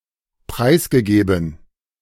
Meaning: past participle of preisgeben
- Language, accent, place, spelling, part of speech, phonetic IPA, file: German, Germany, Berlin, preisgegeben, verb, [ˈpʁaɪ̯sɡəˌɡeːbn̩], De-preisgegeben.ogg